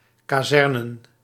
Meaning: to station in barracks
- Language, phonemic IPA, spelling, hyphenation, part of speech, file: Dutch, /ˌkaː.zɛrˈneː.rə(n)/, kazerneren, ka‧zer‧ne‧ren, verb, Nl-kazerneren.ogg